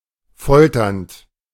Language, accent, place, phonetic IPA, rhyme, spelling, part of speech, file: German, Germany, Berlin, [ˈfɔltɐnt], -ɔltɐnt, folternd, verb, De-folternd.ogg
- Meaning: present participle of foltern